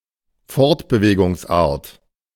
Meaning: mode of transport
- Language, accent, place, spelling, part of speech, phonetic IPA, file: German, Germany, Berlin, Fortbewegungsart, noun, [ˈfɔʁtbəveːɡʊŋsˌʔaːɐ̯t], De-Fortbewegungsart.ogg